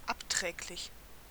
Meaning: harmful, detrimental, derogatory (of speech)
- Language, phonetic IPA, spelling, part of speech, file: German, [ˈapˌtʁɛːklɪç], abträglich, adjective, De-abträglich.ogg